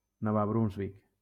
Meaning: New Brunswick (a province in eastern Canada)
- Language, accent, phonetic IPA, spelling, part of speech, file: Catalan, Valencia, [ˈnɔ.va bɾunzˈvik], Nova Brunsvic, proper noun, LL-Q7026 (cat)-Nova Brunsvic.wav